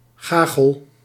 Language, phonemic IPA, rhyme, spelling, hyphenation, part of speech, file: Dutch, /ˈɣaː.ɣəl/, -aːɣəl, gagel, ga‧gel, noun, Nl-gagel.ogg
- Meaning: 1. gale (any plant of the family Myricaceae) 2. synonym of wilde gagel (“sweet gale”)